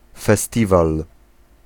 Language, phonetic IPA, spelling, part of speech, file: Polish, [fɛˈstʲival], festiwal, noun, Pl-festiwal.ogg